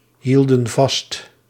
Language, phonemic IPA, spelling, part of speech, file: Dutch, /ˈhildə(n) ˈvɑst/, hielden vast, verb, Nl-hielden vast.ogg
- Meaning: inflection of vasthouden: 1. plural past indicative 2. plural past subjunctive